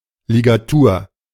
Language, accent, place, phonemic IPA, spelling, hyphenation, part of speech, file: German, Germany, Berlin, /lɪɡaˈtuːɐ̯/, Ligatur, Li‧ga‧tur, noun, De-Ligatur.ogg
- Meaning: 1. ligature 2. tie